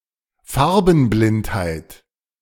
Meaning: color blindness
- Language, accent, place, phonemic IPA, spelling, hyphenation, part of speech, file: German, Germany, Berlin, /ˈfaʁ.bn̩ˌblɪnt.haɪ̯t/, Farbenblindheit, Far‧ben‧blind‧heit, noun, De-Farbenblindheit.ogg